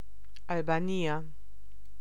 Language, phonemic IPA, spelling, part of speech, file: Italian, /albaˈnia/, Albania, proper noun, It-Albania.ogg